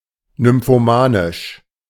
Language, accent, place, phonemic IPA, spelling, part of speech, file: German, Germany, Berlin, /nʏmfoˈmaːnɪʃ/, nymphomanisch, adjective, De-nymphomanisch.ogg
- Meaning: nymphomaniacal, nymphomaniac